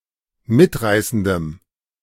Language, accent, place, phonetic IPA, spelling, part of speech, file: German, Germany, Berlin, [ˈmɪtˌʁaɪ̯sn̩dəm], mitreißendem, adjective, De-mitreißendem.ogg
- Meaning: strong dative masculine/neuter singular of mitreißend